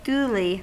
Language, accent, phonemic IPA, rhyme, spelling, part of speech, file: English, US, /ˈduli/, -uːli, duly, adverb, En-us-duly.ogg
- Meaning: 1. In a due, fit, or becoming manner; as it ought to be; suitably; properly 2. Regularly; at the proper time